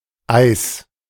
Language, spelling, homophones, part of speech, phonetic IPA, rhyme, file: German, Eis, Eiß, noun, [aɪ̯s], -aɪ̯s, De-Eis.ogg
- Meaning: 1. ice 2. ice cream 3. genitive singular of Ei